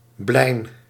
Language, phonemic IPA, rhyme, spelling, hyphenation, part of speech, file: Dutch, /blɛi̯n/, -ɛi̯n, blein, blein, noun, Nl-blein.ogg
- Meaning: blister